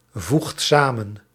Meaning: inflection of samenvoegen: 1. second/third-person singular present indicative 2. plural imperative
- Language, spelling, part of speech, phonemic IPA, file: Dutch, voegt samen, verb, /ˈvuxt ˈsamə(n)/, Nl-voegt samen.ogg